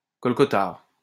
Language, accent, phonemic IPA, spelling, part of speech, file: French, France, /kɔl.kɔ.taʁ/, colcotar, noun, LL-Q150 (fra)-colcotar.wav
- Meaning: colcothar